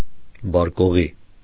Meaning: brandy, cognac
- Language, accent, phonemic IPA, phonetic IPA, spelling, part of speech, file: Armenian, Eastern Armenian, /bɑɾkoˈʁi/, [bɑɾkoʁí], բարկօղի, noun, Hy-բարկօղի.ogg